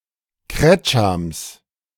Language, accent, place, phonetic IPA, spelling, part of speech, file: German, Germany, Berlin, [ˈkʁɛt͡ʃams], Kretschams, noun, De-Kretschams.ogg
- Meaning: genitive singular of Kretscham